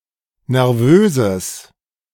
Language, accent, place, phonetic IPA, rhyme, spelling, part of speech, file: German, Germany, Berlin, [nɛʁˈvøːzəs], -øːzəs, nervöses, adjective, De-nervöses.ogg
- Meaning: strong/mixed nominative/accusative neuter singular of nervös